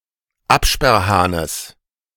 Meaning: genitive singular of Absperrhahn
- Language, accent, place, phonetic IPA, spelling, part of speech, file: German, Germany, Berlin, [ˈapʃpɛʁˌhaːnəs], Absperrhahnes, noun, De-Absperrhahnes.ogg